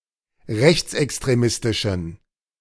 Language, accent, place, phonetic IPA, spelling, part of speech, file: German, Germany, Berlin, [ˈʁɛçt͡sʔɛkstʁeˌmɪstɪʃn̩], rechtsextremistischen, adjective, De-rechtsextremistischen.ogg
- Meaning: inflection of rechtsextremistisch: 1. strong genitive masculine/neuter singular 2. weak/mixed genitive/dative all-gender singular 3. strong/weak/mixed accusative masculine singular